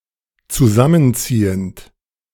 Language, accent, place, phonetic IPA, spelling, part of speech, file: German, Germany, Berlin, [t͡suˈzamənˌt͡siːənt], zusammenziehend, verb, De-zusammenziehend.ogg
- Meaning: present participle of zusammenziehen